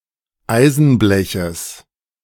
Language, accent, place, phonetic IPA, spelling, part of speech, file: German, Germany, Berlin, [ˈaɪ̯zn̩ˌblɛçəs], Eisenbleches, noun, De-Eisenbleches.ogg
- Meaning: genitive singular of Eisenblech